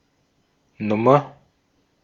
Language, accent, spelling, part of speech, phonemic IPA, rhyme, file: German, Austria, Nummer, noun, /ˈnʊmɐ/, -ʊmɐ, De-at-Nummer.ogg
- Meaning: 1. number; see usage notes below 2. issue (of a magazine, etc.) 3. size (of shoes or clothes) 4. song; composition 5. act; stunt; shtick 6. character (idiosyncratic person)